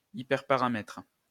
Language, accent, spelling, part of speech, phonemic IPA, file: French, France, hyperparamètre, noun, /i.pɛʁ.pa.ʁa.mɛtʁ/, LL-Q150 (fra)-hyperparamètre.wav
- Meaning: hyperparameter